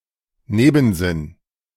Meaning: connotation
- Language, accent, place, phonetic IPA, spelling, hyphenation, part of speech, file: German, Germany, Berlin, [ˈneːbn̩ˌzɪn], Nebensinn, Ne‧ben‧sinn, noun, De-Nebensinn.ogg